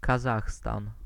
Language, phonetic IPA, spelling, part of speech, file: Polish, [kaˈzaxstãn], Kazachstan, proper noun, Pl-Kazachstan.ogg